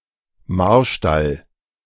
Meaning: royal stable
- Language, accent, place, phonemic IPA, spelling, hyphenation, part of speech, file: German, Germany, Berlin, /ˈmaʁʃtal/, Marstall, Mar‧stall, noun, De-Marstall.ogg